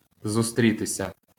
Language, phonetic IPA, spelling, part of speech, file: Ukrainian, [zʊˈstʲrʲitesʲɐ], зустрітися, verb, LL-Q8798 (ukr)-зустрітися.wav
- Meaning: 1. to meet (with), to encounter, to come across (з (z) + instrumental) 2. to be found, to be met with, to occur, to happen